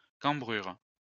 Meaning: 1. instep, arch (of the foot) 2. camber (of a road) 3. small of the back
- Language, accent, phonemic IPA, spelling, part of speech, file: French, France, /kɑ̃.bʁyʁ/, cambrure, noun, LL-Q150 (fra)-cambrure.wav